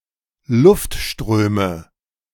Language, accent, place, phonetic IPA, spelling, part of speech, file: German, Germany, Berlin, [ˈlʊftˌʃtʁøːmə], Luftströme, noun, De-Luftströme.ogg
- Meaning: nominative/accusative/genitive plural of Luftstrom